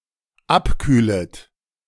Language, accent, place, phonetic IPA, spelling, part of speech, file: German, Germany, Berlin, [ˈapˌkyːlət], abkühlet, verb, De-abkühlet.ogg
- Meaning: second-person plural dependent subjunctive I of abkühlen